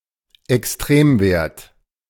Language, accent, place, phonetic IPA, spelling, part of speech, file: German, Germany, Berlin, [ɛksˈtʁeːmˌveːɐ̯t], Extremwert, noun, De-Extremwert.ogg
- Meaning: extremum